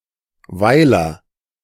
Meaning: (noun) hamlet (very small settlement which lacks some of the typical features of a village, such as a church or a village square); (proper noun) 1. a municipality of Vorarlberg, Austria 2. a surname
- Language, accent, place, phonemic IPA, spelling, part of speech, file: German, Germany, Berlin, /ˈvaɪ̯lər/, Weiler, noun / proper noun, De-Weiler.ogg